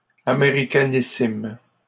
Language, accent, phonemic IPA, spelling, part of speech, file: French, Canada, /a.me.ʁi.ka.ni.sim/, américanissime, adjective, LL-Q150 (fra)-américanissime.wav
- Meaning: superlative degree of américain: Very American